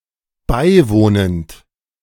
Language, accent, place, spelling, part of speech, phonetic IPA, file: German, Germany, Berlin, beiwohnend, verb, [ˈbaɪ̯ˌvoːnənt], De-beiwohnend.ogg
- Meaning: present participle of beiwohnen